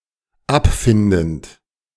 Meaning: present participle of abfinden
- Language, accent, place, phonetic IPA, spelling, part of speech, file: German, Germany, Berlin, [ˈapˌfɪndn̩t], abfindend, verb, De-abfindend.ogg